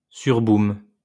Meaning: party
- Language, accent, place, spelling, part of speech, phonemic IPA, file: French, France, Lyon, surboum, noun, /syʁ.bum/, LL-Q150 (fra)-surboum.wav